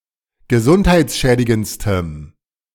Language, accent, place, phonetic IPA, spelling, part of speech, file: German, Germany, Berlin, [ɡəˈzʊnthaɪ̯t͡sˌʃɛːdɪɡənt͡stəm], gesundheitsschädigendstem, adjective, De-gesundheitsschädigendstem.ogg
- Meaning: strong dative masculine/neuter singular superlative degree of gesundheitsschädigend